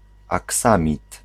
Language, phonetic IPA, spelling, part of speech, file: Polish, [aˈksãmʲit], aksamit, noun, Pl-aksamit.ogg